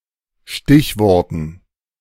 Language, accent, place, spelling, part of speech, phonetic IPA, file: German, Germany, Berlin, Stichworten, noun, [ˈʃtɪçˌvɔʁtn̩], De-Stichworten.ogg
- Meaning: dative plural of Stichwort